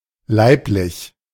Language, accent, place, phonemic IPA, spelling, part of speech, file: German, Germany, Berlin, /ˈlaɪ̯plɪç/, leiblich, adjective, De-leiblich.ogg
- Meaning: bodily, physical, now chiefly in specific contexts: 1. consanguine, biological 2. related to the body, flesh, rather than the spirit, soul 3. related to food, drink, refreshments